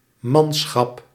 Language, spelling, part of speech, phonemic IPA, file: Dutch, manschap, noun, /ˈmɑnsxɑp/, Nl-manschap.ogg
- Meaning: 1. homage, a feudal pledge of loyalty 2. manpower: men, soldiers (as an indicator of military or equivalent power) 3. manpower: crew